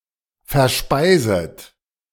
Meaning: second-person plural subjunctive I of verspeisen
- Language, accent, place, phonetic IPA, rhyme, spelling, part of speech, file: German, Germany, Berlin, [fɛɐ̯ˈʃpaɪ̯zət], -aɪ̯zət, verspeiset, verb, De-verspeiset.ogg